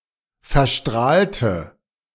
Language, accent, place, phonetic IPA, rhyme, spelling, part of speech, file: German, Germany, Berlin, [fɛɐ̯ˈʃtʁaːltə], -aːltə, verstrahlte, adjective / verb, De-verstrahlte.ogg
- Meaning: inflection of verstrahlen: 1. first/third-person singular preterite 2. first/third-person singular subjunctive II